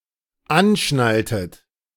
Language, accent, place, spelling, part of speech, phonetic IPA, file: German, Germany, Berlin, anschnalltet, verb, [ˈanˌʃnaltət], De-anschnalltet.ogg
- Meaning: inflection of anschnallen: 1. second-person plural dependent preterite 2. second-person plural dependent subjunctive II